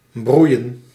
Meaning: 1. to be hot 2. to heat (up)
- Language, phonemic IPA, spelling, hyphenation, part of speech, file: Dutch, /ˈbrui̯ə(n)/, broeien, broei‧en, verb, Nl-broeien.ogg